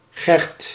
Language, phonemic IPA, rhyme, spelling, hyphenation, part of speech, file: Dutch, /ɣɛrt/, -ɛrt, Gert, Gert, proper noun, Nl-Gert.ogg
- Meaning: a male given name derived from Gerard